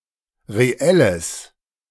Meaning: strong/mixed nominative/accusative neuter singular of reell
- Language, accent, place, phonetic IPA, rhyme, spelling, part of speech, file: German, Germany, Berlin, [ʁeˈɛləs], -ɛləs, reelles, adjective, De-reelles.ogg